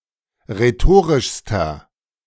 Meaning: inflection of rhetorisch: 1. strong/mixed nominative masculine singular superlative degree 2. strong genitive/dative feminine singular superlative degree 3. strong genitive plural superlative degree
- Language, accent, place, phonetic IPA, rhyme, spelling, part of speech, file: German, Germany, Berlin, [ʁeˈtoːʁɪʃstɐ], -oːʁɪʃstɐ, rhetorischster, adjective, De-rhetorischster.ogg